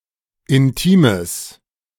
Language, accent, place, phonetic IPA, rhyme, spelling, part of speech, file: German, Germany, Berlin, [ɪnˈtiːməs], -iːməs, intimes, adjective, De-intimes.ogg
- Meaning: strong/mixed nominative/accusative neuter singular of intim